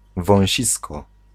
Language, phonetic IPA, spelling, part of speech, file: Polish, [vɔ̃w̃ˈɕiskɔ], wąsisko, noun, Pl-wąsisko.ogg